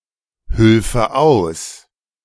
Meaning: first/third-person singular subjunctive II of aushelfen
- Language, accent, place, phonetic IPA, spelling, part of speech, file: German, Germany, Berlin, [ˌhʏlfə ˈaʊ̯s], hülfe aus, verb, De-hülfe aus.ogg